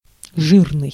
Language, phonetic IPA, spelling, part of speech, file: Russian, [ˈʐɨrnɨj], жирный, adjective, Ru-жирный.ogg
- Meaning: 1. fat 2. grease 3. greasy 4. fleshy 5. rich 6. bold